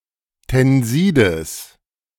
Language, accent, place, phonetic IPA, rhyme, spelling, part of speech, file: German, Germany, Berlin, [tɛnˈziːdəs], -iːdəs, Tensides, noun, De-Tensides.ogg
- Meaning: genitive of Tensid